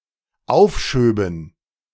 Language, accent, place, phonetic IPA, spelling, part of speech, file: German, Germany, Berlin, [ˈaʊ̯fˌʃøːbn̩], aufschöben, verb, De-aufschöben.ogg
- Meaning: first/third-person plural dependent subjunctive II of aufschieben